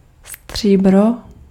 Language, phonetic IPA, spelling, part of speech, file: Czech, [ˈstr̝̊iːbro], stříbro, noun, Cs-stříbro.ogg
- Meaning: 1. silver (metal) 2. argent